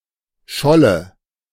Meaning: 1. a flat, brittle piece of something, chiefly of earth (a clod) or ice (a floe) 2. earth, field, agricultural ground 3. plaice (fish)
- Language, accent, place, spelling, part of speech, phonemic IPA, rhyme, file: German, Germany, Berlin, Scholle, noun, /ˈʃɔlə/, -ɔlə, De-Scholle.ogg